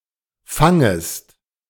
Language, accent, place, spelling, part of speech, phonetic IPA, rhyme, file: German, Germany, Berlin, fangest, verb, [ˈfaŋəst], -aŋəst, De-fangest.ogg
- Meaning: second-person singular subjunctive I of fangen